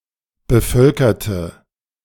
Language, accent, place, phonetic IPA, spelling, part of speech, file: German, Germany, Berlin, [bəˈfœlkɐtə], bevölkerte, adjective / verb, De-bevölkerte.ogg
- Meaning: inflection of bevölkern: 1. first/third-person singular preterite 2. first/third-person singular subjunctive II